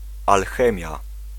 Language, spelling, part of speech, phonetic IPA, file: Polish, alchemia, noun, [alˈxɛ̃mʲja], Pl-alchemia.ogg